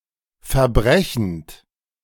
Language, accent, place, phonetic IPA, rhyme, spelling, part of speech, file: German, Germany, Berlin, [fɛɐ̯ˈbʁɛçn̩t], -ɛçn̩t, verbrechend, verb, De-verbrechend.ogg
- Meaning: present participle of verbrechen